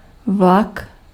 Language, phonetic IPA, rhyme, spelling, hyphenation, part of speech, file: Czech, [ˈvlak], -ak, vlak, vlak, noun, Cs-vlak.ogg
- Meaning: train